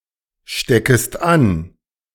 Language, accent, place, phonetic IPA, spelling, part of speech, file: German, Germany, Berlin, [ˌʃtɛkəst ˈan], steckest an, verb, De-steckest an.ogg
- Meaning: second-person singular subjunctive I of anstecken